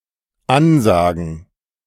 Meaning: to announce
- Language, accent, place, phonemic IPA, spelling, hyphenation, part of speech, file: German, Germany, Berlin, /ˈanˌzaːɡn̩/, ansagen, an‧sa‧gen, verb, De-ansagen.ogg